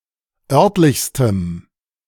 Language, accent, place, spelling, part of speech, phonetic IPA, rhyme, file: German, Germany, Berlin, örtlichstem, adjective, [ˈœʁtlɪçstəm], -œʁtlɪçstəm, De-örtlichstem.ogg
- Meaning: strong dative masculine/neuter singular superlative degree of örtlich